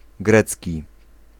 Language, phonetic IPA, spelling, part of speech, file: Polish, [ˈɡrɛt͡sʲci], grecki, adjective / noun, Pl-grecki.ogg